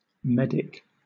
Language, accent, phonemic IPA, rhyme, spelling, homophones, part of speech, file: English, Southern England, /ˈmɛdɪk/, -ɛdɪk, medic, medick, adjective / noun, LL-Q1860 (eng)-medic.wav
- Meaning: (adjective) Of or pertaining to medicines; medical; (noun) 1. A physician 2. A paramedic, someone with special training in first aid, especially in the military 3. A medical student